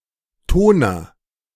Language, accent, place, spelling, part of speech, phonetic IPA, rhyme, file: German, Germany, Berlin, Toner, noun, [ˈtoːnɐ], -oːnɐ, De-Toner.ogg
- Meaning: toner (for photocopiers)